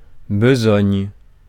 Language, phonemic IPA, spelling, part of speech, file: French, /bə.zɔɲ/, besogne, noun, Fr-besogne.ogg
- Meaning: work, job